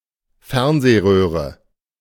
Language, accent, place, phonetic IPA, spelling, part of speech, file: German, Germany, Berlin, [ˈfɛʁnzeːˌʁøːʁə], Fernsehröhre, noun, De-Fernsehröhre.ogg
- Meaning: television tube